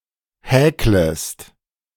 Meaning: second-person singular subjunctive I of häkeln
- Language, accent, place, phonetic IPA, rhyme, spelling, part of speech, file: German, Germany, Berlin, [ˈhɛːkləst], -ɛːkləst, häklest, verb, De-häklest.ogg